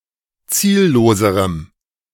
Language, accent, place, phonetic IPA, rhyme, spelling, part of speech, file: German, Germany, Berlin, [ˈt͡siːlloːzəʁəm], -iːlloːzəʁəm, zielloserem, adjective, De-zielloserem.ogg
- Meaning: strong dative masculine/neuter singular comparative degree of ziellos